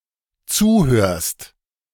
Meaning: second-person singular dependent present of zuhören
- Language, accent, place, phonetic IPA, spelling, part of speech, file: German, Germany, Berlin, [ˈt͡suːˌhøːɐ̯st], zuhörst, verb, De-zuhörst.ogg